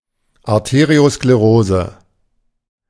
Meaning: arteriosclerosis
- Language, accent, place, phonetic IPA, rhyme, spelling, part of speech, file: German, Germany, Berlin, [aʁteːʁioskleˈʁoːzə], -oːzə, Arteriosklerose, noun, De-Arteriosklerose.ogg